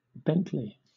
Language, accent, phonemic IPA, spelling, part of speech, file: English, Southern England, /ˈbɛntliː/, Bentley, proper noun / noun, LL-Q1860 (eng)-Bentley.wav
- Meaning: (proper noun) An English habitational surname from Old English